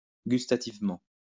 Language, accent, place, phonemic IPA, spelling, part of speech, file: French, France, Lyon, /ɡys.ta.tiv.mɑ̃/, gustativement, adverb, LL-Q150 (fra)-gustativement.wav
- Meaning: gustatorily